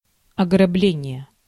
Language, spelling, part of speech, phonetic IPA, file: Russian, ограбление, noun, [ɐɡrɐˈblʲenʲɪje], Ru-ограбление.ogg
- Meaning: robbery (act or practice of robbing)